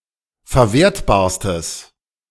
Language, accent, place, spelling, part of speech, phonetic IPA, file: German, Germany, Berlin, verwertbarstes, adjective, [fɛɐ̯ˈveːɐ̯tbaːɐ̯stəs], De-verwertbarstes.ogg
- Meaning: strong/mixed nominative/accusative neuter singular superlative degree of verwertbar